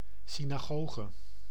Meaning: synagogue
- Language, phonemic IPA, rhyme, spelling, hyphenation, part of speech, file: Dutch, /si.naːˈɣoː.ɣə/, -oːɣə, synagoge, sy‧na‧go‧ge, noun, Nl-synagoge.ogg